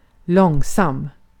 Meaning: slow (not quick in motion)
- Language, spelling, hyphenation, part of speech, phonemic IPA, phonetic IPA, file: Swedish, långsam, lång‧sam, adjective, /²lɔŋsam/, [²l̪ɔŋːs̪am], Sv-långsam.ogg